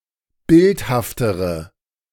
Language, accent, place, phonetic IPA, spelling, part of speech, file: German, Germany, Berlin, [ˈbɪlthaftəʁə], bildhaftere, adjective, De-bildhaftere.ogg
- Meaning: inflection of bildhaft: 1. strong/mixed nominative/accusative feminine singular comparative degree 2. strong nominative/accusative plural comparative degree